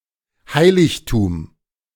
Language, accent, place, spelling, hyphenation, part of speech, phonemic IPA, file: German, Germany, Berlin, Heiligtum, Hei‧lig‧tum, noun, /ˈhaɪ̯lɪçtuːm/, De-Heiligtum.ogg
- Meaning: 1. sacred site; sanctuary; shrine 2. sacred, venerated object